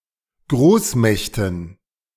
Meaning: dative plural of Großmacht
- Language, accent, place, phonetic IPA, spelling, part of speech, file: German, Germany, Berlin, [ˈɡʁoːsˌmɛçtn̩], Großmächten, noun, De-Großmächten.ogg